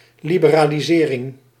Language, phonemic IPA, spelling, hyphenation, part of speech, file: Dutch, /ˌli.bə.raː.liˈzeː.rɪŋ/, liberalisering, li‧be‧ra‧li‧se‧ring, noun, Nl-liberalisering.ogg
- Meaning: liberalization